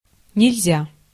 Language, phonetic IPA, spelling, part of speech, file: Russian, [nʲɪlʲˈzʲa], нельзя, adjective, Ru-нельзя.ogg
- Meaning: 1. it is impossible (perfective aspect), one cannot, you can't 2. it is prohibited (imperfective aspect), it is forbidden, it is not allowed, one must not 3. one cannot 4. not an option